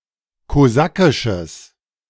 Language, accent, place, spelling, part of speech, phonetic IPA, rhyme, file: German, Germany, Berlin, kosakisches, adjective, [koˈzakɪʃəs], -akɪʃəs, De-kosakisches.ogg
- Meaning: strong/mixed nominative/accusative neuter singular of kosakisch